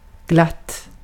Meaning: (adjective) 1. smooth, shiny, and slippery 2. smooth 3. indefinite neuter singular of glad; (adverb) happily; in a happy and positive manner
- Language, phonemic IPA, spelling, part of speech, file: Swedish, /ɡlatː/, glatt, adjective / adverb / verb, Sv-glatt.ogg